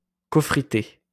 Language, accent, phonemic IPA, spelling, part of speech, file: French, France, /kɔ.fʁi.te/, cofritté, adjective, LL-Q150 (fra)-cofritté.wav
- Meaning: cofired (sintered)